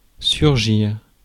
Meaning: 1. to emerge or appear; to crop up 2. to arise or stand up
- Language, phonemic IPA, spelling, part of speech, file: French, /syʁ.ʒiʁ/, surgir, verb, Fr-surgir.ogg